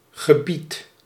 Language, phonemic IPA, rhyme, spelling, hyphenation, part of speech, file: Dutch, /ɣəˈbit/, -it, gebied, ge‧bied, noun / verb, Nl-gebied.ogg
- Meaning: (noun) 1. area, region 2. domain, subject area 3. order, commandment; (verb) inflection of gebieden: 1. first-person singular present indicative 2. second-person singular present indicative